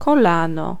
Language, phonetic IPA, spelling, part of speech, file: Polish, [kɔˈlãnɔ], kolano, noun, Pl-kolano.ogg